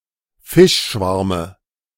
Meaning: dative singular of Fischschwarm
- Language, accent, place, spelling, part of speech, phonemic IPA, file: German, Germany, Berlin, Fischschwarme, noun, /ˈfɪʃˌʃvaʁmə/, De-Fischschwarme.ogg